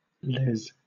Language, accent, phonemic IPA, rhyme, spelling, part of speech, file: English, Southern England, /lɛz/, -ɛz, les, adjective / noun, LL-Q1860 (eng)-les.wav
- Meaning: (adjective) Clipping of lesbian